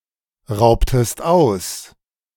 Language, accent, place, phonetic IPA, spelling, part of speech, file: German, Germany, Berlin, [ˌʁaʊ̯ptəst ˈaʊ̯s], raubtest aus, verb, De-raubtest aus.ogg
- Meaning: inflection of ausrauben: 1. second-person singular preterite 2. second-person singular subjunctive II